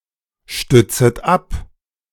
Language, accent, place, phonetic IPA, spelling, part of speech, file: German, Germany, Berlin, [ˌʃtʏt͡sət ˈap], stützet ab, verb, De-stützet ab.ogg
- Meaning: second-person plural subjunctive I of abstützen